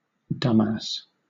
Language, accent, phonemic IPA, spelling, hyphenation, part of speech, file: English, Southern England, /ˈdʌm.æs/, dumbass, dumb‧ass, noun / adjective, LL-Q1860 (eng)-dumbass.wav
- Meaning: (noun) A stupid or foolish person; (adjective) Stupid, foolish